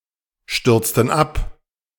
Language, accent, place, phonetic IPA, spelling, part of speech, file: German, Germany, Berlin, [ˌʃtʏʁt͡stn̩ ˈap], stürzten ab, verb, De-stürzten ab.ogg
- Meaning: inflection of abstürzen: 1. first/third-person plural preterite 2. first/third-person plural subjunctive II